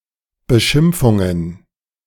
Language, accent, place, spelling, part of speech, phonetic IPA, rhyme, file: German, Germany, Berlin, Beschimpfungen, noun, [bəˈʃɪmp͡fʊŋən], -ɪmp͡fʊŋən, De-Beschimpfungen.ogg
- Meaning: plural of Beschimpfung